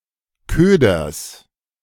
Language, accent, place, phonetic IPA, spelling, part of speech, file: German, Germany, Berlin, [ˈkøːdɐs], Köders, noun, De-Köders.ogg
- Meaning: genitive of Köder